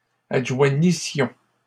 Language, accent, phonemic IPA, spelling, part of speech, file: French, Canada, /ad.ʒwa.ɲi.sjɔ̃/, adjoignissions, verb, LL-Q150 (fra)-adjoignissions.wav
- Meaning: first-person plural imperfect subjunctive of adjoindre